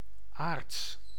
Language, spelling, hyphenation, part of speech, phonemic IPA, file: Dutch, aards, aards, adjective, /aːrts/, Nl-aards.ogg
- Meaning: 1. earthly, of Earth, Terran 2. of the current life or age on Earth, worldly